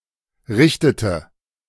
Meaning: inflection of richten: 1. first/third-person singular preterite 2. first/third-person singular subjunctive II
- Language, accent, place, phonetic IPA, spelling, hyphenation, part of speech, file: German, Germany, Berlin, [ˈʁɪçtətə], richtete, rich‧te‧te, verb, De-richtete.ogg